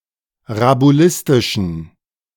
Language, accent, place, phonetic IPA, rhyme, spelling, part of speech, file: German, Germany, Berlin, [ʁabuˈlɪstɪʃn̩], -ɪstɪʃn̩, rabulistischen, adjective, De-rabulistischen.ogg
- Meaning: inflection of rabulistisch: 1. strong genitive masculine/neuter singular 2. weak/mixed genitive/dative all-gender singular 3. strong/weak/mixed accusative masculine singular 4. strong dative plural